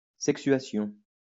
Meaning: sexuation
- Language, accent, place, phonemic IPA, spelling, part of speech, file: French, France, Lyon, /sɛk.sɥa.sjɔ̃/, sexuation, noun, LL-Q150 (fra)-sexuation.wav